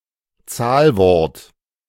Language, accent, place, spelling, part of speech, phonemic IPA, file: German, Germany, Berlin, Zahlwort, noun, /ˈt͡saːlˌvɔʁt/, De-Zahlwort.ogg
- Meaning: numeral (number): 1. strict sense: either a cardinal numeral (cardinal number, cardinal) or an ordinal numeral (ordinal number, ordinal) 2. broad sense (younger): every word which represents a number